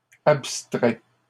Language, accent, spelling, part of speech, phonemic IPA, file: French, Canada, abstrais, verb, /ap.stʁɛ/, LL-Q150 (fra)-abstrais.wav
- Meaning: inflection of abstraire: 1. first/second-person singular present indicative 2. second-person singular imperative